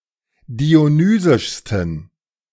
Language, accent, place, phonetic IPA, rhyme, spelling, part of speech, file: German, Germany, Berlin, [di̯oˈnyːzɪʃstn̩], -yːzɪʃstn̩, dionysischsten, adjective, De-dionysischsten.ogg
- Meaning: 1. superlative degree of dionysisch 2. inflection of dionysisch: strong genitive masculine/neuter singular superlative degree